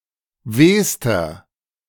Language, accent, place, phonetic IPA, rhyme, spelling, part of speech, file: German, Germany, Berlin, [ˈveːstɐ], -eːstɐ, wehster, adjective, De-wehster.ogg
- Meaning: inflection of weh: 1. strong/mixed nominative masculine singular superlative degree 2. strong genitive/dative feminine singular superlative degree 3. strong genitive plural superlative degree